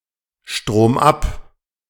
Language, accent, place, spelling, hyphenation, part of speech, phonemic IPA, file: German, Germany, Berlin, stromab, strom‧ab, adverb, /ʃtʁoːmˈʔap/, De-stromab.ogg
- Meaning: downstream